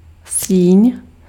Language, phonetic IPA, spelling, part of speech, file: Czech, [ˈsiːɲ], síň, noun, Cs-síň.ogg
- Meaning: hall